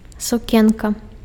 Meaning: dress (item of clothing worn by a woman)
- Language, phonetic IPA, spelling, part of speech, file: Belarusian, [suˈkʲenka], сукенка, noun, Be-сукенка.ogg